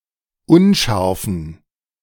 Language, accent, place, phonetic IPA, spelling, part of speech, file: German, Germany, Berlin, [ˈʊnˌʃaʁfn̩], unscharfen, adjective, De-unscharfen.ogg
- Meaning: inflection of unscharf: 1. strong genitive masculine/neuter singular 2. weak/mixed genitive/dative all-gender singular 3. strong/weak/mixed accusative masculine singular 4. strong dative plural